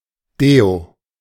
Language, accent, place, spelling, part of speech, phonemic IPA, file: German, Germany, Berlin, Deo, noun, /ˈdeː.o/, De-Deo.ogg
- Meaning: clipping of Deodorant (“deodorant”)